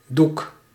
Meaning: 1. cloth, linen, fabric 2. a piece of cloth 3. screen, curtain (at the theater) 4. canvas 5. painting on canvas
- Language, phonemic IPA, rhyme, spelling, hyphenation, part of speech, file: Dutch, /duk/, -uk, doek, doek, noun, Nl-doek.ogg